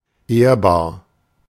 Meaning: 1. respectable 2. honorable; reputable
- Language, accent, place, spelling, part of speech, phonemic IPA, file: German, Germany, Berlin, ehrbar, adjective, /ˈeːɐ̯baːɐ̯/, De-ehrbar.ogg